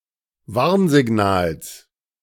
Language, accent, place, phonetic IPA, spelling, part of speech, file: German, Germany, Berlin, [ˈvaʁnzɪˌɡnaːls], Warnsignals, noun, De-Warnsignals.ogg
- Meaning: genitive singular of Warnsignal